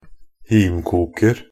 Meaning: indefinite plural of himkok
- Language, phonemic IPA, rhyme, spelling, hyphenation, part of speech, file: Norwegian Bokmål, /ˈhiːmkuːkər/, -ər, himkoker, him‧kok‧er, noun, Nb-himkoker.ogg